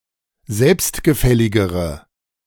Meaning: inflection of selbstgefällig: 1. strong/mixed nominative/accusative feminine singular comparative degree 2. strong nominative/accusative plural comparative degree
- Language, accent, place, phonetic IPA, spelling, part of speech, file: German, Germany, Berlin, [ˈzɛlpstɡəˌfɛlɪɡəʁə], selbstgefälligere, adjective, De-selbstgefälligere.ogg